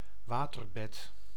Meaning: waterbed (mattress filled with water; bed with such a mattress)
- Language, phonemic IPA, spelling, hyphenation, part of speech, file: Dutch, /ˈʋaː.tərˌbɛt/, waterbed, wa‧ter‧bed, noun, Nl-waterbed.ogg